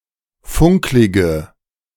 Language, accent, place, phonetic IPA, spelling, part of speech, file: German, Germany, Berlin, [ˈfʊŋklɪɡə], funklige, adjective, De-funklige.ogg
- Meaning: inflection of funklig: 1. strong/mixed nominative/accusative feminine singular 2. strong nominative/accusative plural 3. weak nominative all-gender singular 4. weak accusative feminine/neuter singular